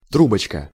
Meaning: 1. diminutive of тру́бка (trúbka) 2. drinking straw 3. puff
- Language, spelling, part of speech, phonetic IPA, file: Russian, трубочка, noun, [ˈtrubət͡ɕkə], Ru-трубочка.ogg